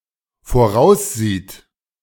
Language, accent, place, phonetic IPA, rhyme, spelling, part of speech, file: German, Germany, Berlin, [foˈʁaʊ̯sˌziːt], -aʊ̯sziːt, voraussieht, verb, De-voraussieht.ogg
- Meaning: third-person singular dependent present of voraussehen